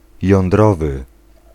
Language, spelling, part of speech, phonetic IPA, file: Polish, jądrowy, adjective, [jɔ̃nˈdrɔvɨ], Pl-jądrowy.ogg